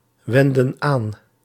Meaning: inflection of aanwenden: 1. plural past indicative 2. plural past subjunctive
- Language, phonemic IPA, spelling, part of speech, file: Dutch, /ˈwɛndə(n) ˈan/, wendden aan, verb, Nl-wendden aan.ogg